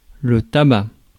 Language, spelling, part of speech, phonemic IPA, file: French, tabac, noun / adjective, /ta.ba/, Fr-tabac.ogg
- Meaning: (noun) 1. tobacco (any plant of the genus Nicotiana) 2. tobacco (leaves of certain varieties of the plant cultivated and harvested) 3. smoking, nicotine addiction